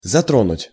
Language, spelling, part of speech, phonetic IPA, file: Russian, затронуть, verb, [zɐˈtronʊtʲ], Ru-затронуть.ogg
- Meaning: 1. to touch, to affect 2. to affect, to wound 3. to touch (upon), to deal (with) 4. to affect, to infringe